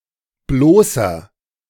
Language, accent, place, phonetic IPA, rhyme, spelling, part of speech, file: German, Germany, Berlin, [ˈbloːsɐ], -oːsɐ, bloßer, adjective, De-bloßer.ogg
- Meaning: inflection of bloß: 1. strong/mixed nominative masculine singular 2. strong genitive/dative feminine singular 3. strong genitive plural